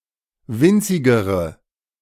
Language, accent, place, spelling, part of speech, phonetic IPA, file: German, Germany, Berlin, winzigere, adjective, [ˈvɪnt͡sɪɡəʁə], De-winzigere.ogg
- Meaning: inflection of winzig: 1. strong/mixed nominative/accusative feminine singular comparative degree 2. strong nominative/accusative plural comparative degree